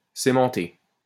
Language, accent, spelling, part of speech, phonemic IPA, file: French, France, cémenter, verb, /se.mɑ̃.te/, LL-Q150 (fra)-cémenter.wav
- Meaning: to cement